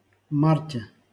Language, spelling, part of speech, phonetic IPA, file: Russian, марте, noun, [ˈmartʲe], LL-Q7737 (rus)-марте.wav
- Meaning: prepositional singular of март (mart)